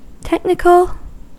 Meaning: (adjective) 1. Specifically related to a particular discipline 2. Specifically related to a particular discipline.: difficult to understand for those not specialized in this discipline
- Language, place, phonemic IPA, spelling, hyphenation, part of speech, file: English, California, /ˈtɛk.nɪk.əl/, technical, tech‧ni‧cal, adjective / noun, En-us-technical.ogg